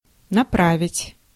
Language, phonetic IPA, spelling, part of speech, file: Russian, [nɐˈpravʲɪtʲ], направить, verb, Ru-направить.ogg
- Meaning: 1. to direct 2. to turn, to aim, to level, to point 3. to refer, to send, to assign, to detach 4. to sharpen